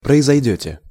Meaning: second-person plural future indicative perfective of произойти́ (proizojtí)
- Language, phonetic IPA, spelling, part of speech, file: Russian, [prəɪzɐjˈdʲɵtʲe], произойдёте, verb, Ru-произойдёте.ogg